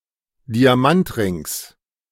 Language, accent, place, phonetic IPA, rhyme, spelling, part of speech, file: German, Germany, Berlin, [diaˈmantˌʁɪŋs], -antʁɪŋs, Diamantrings, noun, De-Diamantrings.ogg
- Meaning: genitive singular of Diamantring